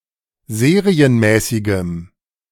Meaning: strong dative masculine/neuter singular of serienmäßig
- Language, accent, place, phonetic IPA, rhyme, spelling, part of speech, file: German, Germany, Berlin, [ˈzeːʁiənˌmɛːsɪɡəm], -eːʁiənmɛːsɪɡəm, serienmäßigem, adjective, De-serienmäßigem.ogg